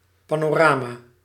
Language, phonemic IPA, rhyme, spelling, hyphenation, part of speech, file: Dutch, /ˌpaː.noːˈraː.maː/, -aːmaː, panorama, pa‧no‧ra‧ma, noun, Nl-panorama.ogg
- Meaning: panorama, vista